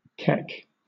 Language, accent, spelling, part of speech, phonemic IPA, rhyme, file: English, Southern England, keck, verb / noun, /kɛk/, -ɛk, LL-Q1860 (eng)-keck.wav
- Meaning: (verb) To heave or retch as if to vomit; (noun) 1. The cow parsley (Anthriscus sylvestris) 2. animal dung